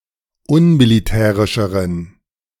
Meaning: inflection of unmilitärisch: 1. strong genitive masculine/neuter singular comparative degree 2. weak/mixed genitive/dative all-gender singular comparative degree
- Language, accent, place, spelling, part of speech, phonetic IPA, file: German, Germany, Berlin, unmilitärischeren, adjective, [ˈʊnmiliˌtɛːʁɪʃəʁən], De-unmilitärischeren.ogg